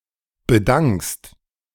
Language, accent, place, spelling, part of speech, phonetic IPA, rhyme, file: German, Germany, Berlin, bedankst, verb, [bəˈdaŋkst], -aŋkst, De-bedankst.ogg
- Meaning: second-person singular present of bedanken